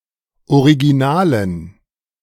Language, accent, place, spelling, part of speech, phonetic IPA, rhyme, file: German, Germany, Berlin, Originalen, noun, [oʁiɡiˈnaːlən], -aːlən, De-Originalen.ogg
- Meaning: dative plural of Original